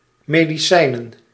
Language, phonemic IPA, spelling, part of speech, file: Dutch, /mediˈsɛinə(n)/, medicijnen, noun, Nl-medicijnen.ogg
- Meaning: plural of medicijn